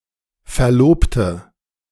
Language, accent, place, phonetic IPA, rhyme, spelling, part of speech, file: German, Germany, Berlin, [fɛɐ̯ˈloːptə], -oːptə, verlobte, adjective / verb, De-verlobte.ogg
- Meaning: inflection of verloben: 1. first/third-person singular preterite 2. first/third-person singular subjunctive II